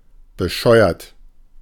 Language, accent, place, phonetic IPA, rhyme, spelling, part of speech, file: German, Germany, Berlin, [bəˈʃɔɪ̯ɐt], -ɔɪ̯ɐt, bescheuert, adjective, De-bescheuert.ogg
- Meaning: idiotic, crazy, foolish